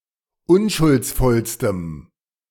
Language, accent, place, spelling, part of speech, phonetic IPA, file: German, Germany, Berlin, unschuldsvollstem, adjective, [ˈʊnʃʊlt͡sˌfɔlstəm], De-unschuldsvollstem.ogg
- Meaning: strong dative masculine/neuter singular superlative degree of unschuldsvoll